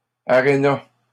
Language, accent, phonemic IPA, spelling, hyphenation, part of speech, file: French, Canada, /a.ʁe.na/, aréna, a‧ré‧na, noun, LL-Q150 (fra)-aréna.wav
- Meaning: a hockey arena